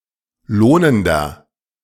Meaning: inflection of lohnend: 1. strong/mixed nominative masculine singular 2. strong genitive/dative feminine singular 3. strong genitive plural
- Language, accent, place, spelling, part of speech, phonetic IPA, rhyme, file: German, Germany, Berlin, lohnender, adjective, [ˈloːnəndɐ], -oːnəndɐ, De-lohnender.ogg